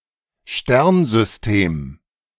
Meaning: Collection of matter at least as large as a planetary system
- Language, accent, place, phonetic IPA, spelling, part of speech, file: German, Germany, Berlin, [ˈʃtɛʁnzʏsˌteːm], Sternsystem, noun, De-Sternsystem.ogg